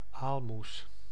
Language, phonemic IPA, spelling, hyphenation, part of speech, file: Dutch, /ˈaːl.mus/, aalmoes, aal‧moes, noun, Nl-aalmoes.ogg
- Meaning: 1. alms (gift to a beggar) 2. charity, small gift, pittance